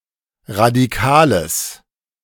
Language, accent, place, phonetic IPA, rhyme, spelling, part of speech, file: German, Germany, Berlin, [ʁadiˈkaːləs], -aːləs, radikales, adjective, De-radikales.ogg
- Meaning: strong/mixed nominative/accusative neuter singular of radikal